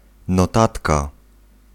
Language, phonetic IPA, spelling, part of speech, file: Polish, [nɔˈtatka], notatka, noun, Pl-notatka.ogg